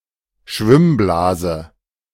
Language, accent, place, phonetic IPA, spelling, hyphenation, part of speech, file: German, Germany, Berlin, [ˈʃvɪmˌblaːzə], Schwimmblase, Schwimm‧bla‧se, noun, De-Schwimmblase.ogg
- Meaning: swim bladder